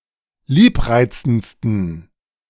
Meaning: 1. superlative degree of liebreizend 2. inflection of liebreizend: strong genitive masculine/neuter singular superlative degree
- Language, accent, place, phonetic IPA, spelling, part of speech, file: German, Germany, Berlin, [ˈliːpˌʁaɪ̯t͡sn̩t͡stən], liebreizendsten, adjective, De-liebreizendsten.ogg